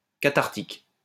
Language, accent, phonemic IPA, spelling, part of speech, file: French, France, /ka.taʁ.tik/, cathartique, adjective, LL-Q150 (fra)-cathartique.wav
- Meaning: cathartic